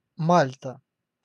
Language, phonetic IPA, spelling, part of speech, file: Russian, [ˈmalʲtə], Мальта, proper noun, Ru-Мальта.ogg
- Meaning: 1. Malta (an archipelago and country in Southern Europe, in the Mediterranean Sea) 2. Malta (the largest island in the Maltese Archipelago)